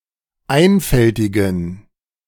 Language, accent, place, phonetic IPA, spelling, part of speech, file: German, Germany, Berlin, [ˈaɪ̯nfɛltɪɡn̩], einfältigen, adjective, De-einfältigen.ogg
- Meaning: inflection of einfältig: 1. strong genitive masculine/neuter singular 2. weak/mixed genitive/dative all-gender singular 3. strong/weak/mixed accusative masculine singular 4. strong dative plural